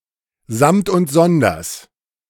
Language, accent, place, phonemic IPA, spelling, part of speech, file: German, Germany, Berlin, /zamt ʊnt ˈzɔndɐs/, samt und sonders, adverb, De-samt und sonders.ogg
- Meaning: the whole lot, each and every; collectively and each individual